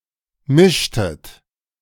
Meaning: inflection of mischen: 1. second-person plural preterite 2. second-person plural subjunctive II
- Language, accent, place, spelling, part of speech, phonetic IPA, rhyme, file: German, Germany, Berlin, mischtet, verb, [ˈmɪʃtət], -ɪʃtət, De-mischtet.ogg